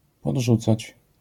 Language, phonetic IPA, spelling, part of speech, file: Polish, [pɔḍˈʒut͡sat͡ɕ], podrzucać, verb, LL-Q809 (pol)-podrzucać.wav